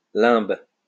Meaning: 1. plural of limbe 2. limbo (place for innocent souls)
- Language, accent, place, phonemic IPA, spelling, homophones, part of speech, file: French, France, Lyon, /lɛ̃b/, limbes, limbe, noun, LL-Q150 (fra)-limbes.wav